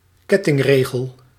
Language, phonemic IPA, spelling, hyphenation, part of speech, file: Dutch, /ˈkɛ.tɪŋˌreː.ɣəl/, kettingregel, ket‧ting‧re‧gel, noun, Nl-kettingregel.ogg
- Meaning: chain rule (formula to calculate the derivative of a composite function)